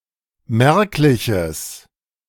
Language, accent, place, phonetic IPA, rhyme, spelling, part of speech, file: German, Germany, Berlin, [ˈmɛʁklɪçəs], -ɛʁklɪçəs, merkliches, adjective, De-merkliches.ogg
- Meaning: strong/mixed nominative/accusative neuter singular of merklich